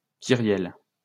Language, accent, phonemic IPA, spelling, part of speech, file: French, France, /ki.ʁjɛl/, kyrielle, noun, LL-Q150 (fra)-kyrielle.wav
- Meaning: 1. rigmarole 2. host, stream (de (“of”)); litany 3. kyrielle